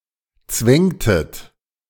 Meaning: inflection of zwängen: 1. second-person plural preterite 2. second-person plural subjunctive II
- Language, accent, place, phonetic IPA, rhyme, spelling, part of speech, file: German, Germany, Berlin, [ˈt͡svɛŋtət], -ɛŋtət, zwängtet, verb, De-zwängtet.ogg